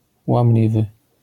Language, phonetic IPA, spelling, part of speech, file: Polish, [wãmˈlʲivɨ], łamliwy, adjective, LL-Q809 (pol)-łamliwy.wav